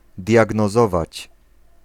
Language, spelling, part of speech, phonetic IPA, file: Polish, diagnozować, verb, [ˌdʲjaɡnɔˈzɔvat͡ɕ], Pl-diagnozować.ogg